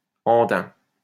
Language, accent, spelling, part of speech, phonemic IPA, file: French, France, andain, noun, /ɑ̃.dɛ̃/, LL-Q150 (fra)-andain.wav
- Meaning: swath